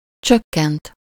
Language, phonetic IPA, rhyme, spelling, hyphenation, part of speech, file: Hungarian, [ˈt͡ʃøkːɛnt], -ɛnt, csökkent, csök‧kent, verb, Hu-csökkent.ogg
- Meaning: 1. to reduce, decrease 2. third-person singular indicative past indefinite of csökken 3. past participle of csökken